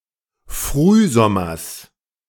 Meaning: genitive singular of Frühsommer
- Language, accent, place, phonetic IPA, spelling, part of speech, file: German, Germany, Berlin, [ˈfʁyːˌzɔmɐs], Frühsommers, noun, De-Frühsommers.ogg